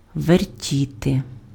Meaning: to turn, to twist, to twirl, to spin
- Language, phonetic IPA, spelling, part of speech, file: Ukrainian, [ʋerˈtʲite], вертіти, verb, Uk-вертіти.ogg